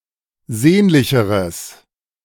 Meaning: strong/mixed nominative/accusative neuter singular comparative degree of sehnlich
- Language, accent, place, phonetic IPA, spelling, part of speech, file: German, Germany, Berlin, [ˈzeːnlɪçəʁəs], sehnlicheres, adjective, De-sehnlicheres.ogg